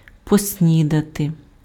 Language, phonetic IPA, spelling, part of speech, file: Ukrainian, [posʲˈnʲidɐte], поснідати, verb, Uk-поснідати.ogg
- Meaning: to have breakfast, to breakfast